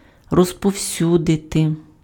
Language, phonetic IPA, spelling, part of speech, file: Ukrainian, [rɔzpɔu̯ˈsʲudete], розповсюдити, verb, Uk-розповсюдити.ogg
- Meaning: 1. to distribute (:documents) 2. to spread, to disseminate, to circulate, to propagate (:ideas, information, opinions, rumours etc.)